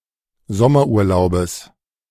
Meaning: genitive singular of Sommerurlaub
- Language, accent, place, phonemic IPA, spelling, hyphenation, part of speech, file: German, Germany, Berlin, /ˈzɔmɐʔuːɐ̯ˌlaʊ̯bəs/, Sommerurlaubes, Som‧mer‧ur‧lau‧bes, noun, De-Sommerurlaubes.ogg